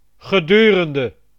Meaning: during
- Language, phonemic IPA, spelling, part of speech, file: Dutch, /ɣəˈdyrəndə/, gedurende, preposition, Nl-gedurende.ogg